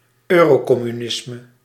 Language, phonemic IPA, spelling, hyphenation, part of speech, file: Dutch, /ˈøː.roː.kɔ.myˌnɪs.mə/, eurocommunisme, eu‧ro‧com‧mu‧nis‧me, noun, Nl-eurocommunisme.ogg
- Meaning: Eurocommunism